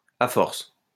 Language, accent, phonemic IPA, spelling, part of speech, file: French, France, /a fɔʁs/, à force, adverb, LL-Q150 (fra)-à force.wav
- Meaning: if one keeps doing something, if one goes on like that, eventually, over time